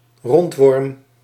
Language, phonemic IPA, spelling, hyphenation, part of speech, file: Dutch, /ˈrɔnt.ʋɔrm/, rondworm, rond‧worm, noun, Nl-rondworm.ogg
- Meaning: a roundworm, a nematode; worm of the phylum Nematoda